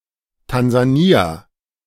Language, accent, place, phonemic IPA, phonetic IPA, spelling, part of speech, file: German, Germany, Berlin, /tanzaˈniːa/, [tʰanzaˈniːa], Tansania, proper noun, De-Tansania.ogg
- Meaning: Tanzania (a country in East Africa)